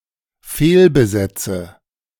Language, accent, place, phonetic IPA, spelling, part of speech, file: German, Germany, Berlin, [ˈfeːlbəˌzɛt͡sə], fehlbesetze, verb, De-fehlbesetze.ogg
- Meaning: inflection of fehlbesetzen: 1. first-person singular dependent present 2. first/third-person singular dependent subjunctive I